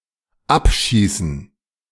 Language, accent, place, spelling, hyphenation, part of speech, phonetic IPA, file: German, Germany, Berlin, abschießen, ab‧schie‧ßen, verb, [ˈapˌʃiːsn̩], De-abschießen.ogg
- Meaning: 1. to shoot off 2. to shoot down 3. to oust 4. to get wasted